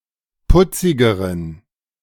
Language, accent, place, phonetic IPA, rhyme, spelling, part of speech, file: German, Germany, Berlin, [ˈpʊt͡sɪɡəʁən], -ʊt͡sɪɡəʁən, putzigeren, adjective, De-putzigeren.ogg
- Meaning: inflection of putzig: 1. strong genitive masculine/neuter singular comparative degree 2. weak/mixed genitive/dative all-gender singular comparative degree